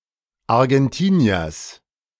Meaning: genitive singular of Argentinier
- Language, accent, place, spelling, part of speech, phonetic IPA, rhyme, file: German, Germany, Berlin, Argentiniers, noun, [aʁɡɛnˈtiːni̯ɐs], -iːni̯ɐs, De-Argentiniers.ogg